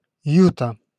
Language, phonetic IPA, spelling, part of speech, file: Russian, [ˈjutə], Юта, proper noun, Ru-Юта.ogg
- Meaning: Utah (a state in the western United States)